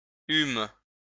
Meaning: first-person plural past historic of avoir
- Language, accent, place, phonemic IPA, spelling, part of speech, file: French, France, Lyon, /ym/, eûmes, verb, LL-Q150 (fra)-eûmes.wav